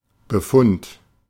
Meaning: 1. findings, results 2. medical report, diagnostic findings 3. expert opinion
- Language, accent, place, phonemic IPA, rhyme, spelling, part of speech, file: German, Germany, Berlin, /bəˈfʊnt/, -ʊnt, Befund, noun, De-Befund.ogg